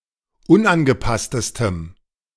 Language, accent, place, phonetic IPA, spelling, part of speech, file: German, Germany, Berlin, [ˈʊnʔanɡəˌpastəstəm], unangepasstestem, adjective, De-unangepasstestem.ogg
- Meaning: strong dative masculine/neuter singular superlative degree of unangepasst